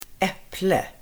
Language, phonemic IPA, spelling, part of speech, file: Swedish, /ˈɛplɛ/, äpple, noun, Sv-äpple.ogg
- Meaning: an apple (fruit)